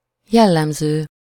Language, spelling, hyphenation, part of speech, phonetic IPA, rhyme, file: Hungarian, jellemző, jel‧lem‧ző, verb / adjective / noun, [ˈjɛlːɛmzøː], -zøː, Hu-jellemző.ogg
- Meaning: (verb) present participle of jellemez; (adjective) characteristic, typical; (noun) attribute, characteristic (a distinguishable feature of a person or thing)